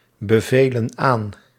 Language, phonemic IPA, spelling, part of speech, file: Dutch, /bəˈvelə(n) ˈan/, bevelen aan, verb, Nl-bevelen aan.ogg
- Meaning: inflection of aanbevelen: 1. plural present indicative 2. plural present subjunctive